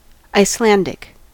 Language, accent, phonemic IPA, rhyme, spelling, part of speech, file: English, US, /aɪsˈlændɪk/, -ændɪk, Icelandic, proper noun / noun / adjective, En-us-Icelandic.ogg
- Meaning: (proper noun) A North Germanic language, the national tongue of Iceland; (noun) 1. A native or inhabitant of Iceland; an Icelander 2. An Icelandic horse